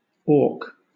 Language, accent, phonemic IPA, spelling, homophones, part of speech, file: English, Southern England, /ɔːk/, awk, auk, adjective / adverb / proper noun / interjection, LL-Q1860 (eng)-awk.wav
- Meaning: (adjective) 1. Odd; out of order; perverse 2. Wrong, or not commonly used; clumsy; sinister 3. Clumsy in performance or manners; not dexterous; awkward 4. Awkward; uncomfortable